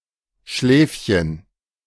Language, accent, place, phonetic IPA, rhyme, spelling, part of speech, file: German, Germany, Berlin, [ˈʃlɛːfçən], -ɛːfçən, Schläfchen, noun, De-Schläfchen.ogg
- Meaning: 1. diminutive of Schlaf 2. nap, sleep ((countable) act or instance of sleeping)